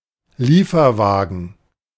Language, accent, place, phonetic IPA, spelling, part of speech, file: German, Germany, Berlin, [ˈliːfɐˌvaːɡn̩], Lieferwagen, noun, De-Lieferwagen.ogg
- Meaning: delivery van